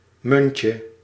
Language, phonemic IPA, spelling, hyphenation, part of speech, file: Dutch, /ˈmʏn.tjə/, muntje, mun‧tje, noun, Nl-muntje.ogg
- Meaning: 1. diminutive of munt 2. a mint-flavored candy, a breath mint